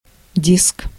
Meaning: 1. disk, disc 2. discus, platter 3. cartridge-drum 4. CD, compact disc
- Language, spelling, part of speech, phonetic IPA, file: Russian, диск, noun, [dʲisk], Ru-диск.ogg